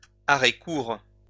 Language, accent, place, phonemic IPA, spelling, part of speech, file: French, France, Lyon, /a.ʁɛ.kuʁ/, arrêt-court, noun, LL-Q150 (fra)-arrêt-court.wav
- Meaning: shortstop